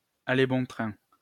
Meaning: to be flying around, to be rife
- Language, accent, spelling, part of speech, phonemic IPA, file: French, France, aller bon train, verb, /a.le bɔ̃ tʁɛ̃/, LL-Q150 (fra)-aller bon train.wav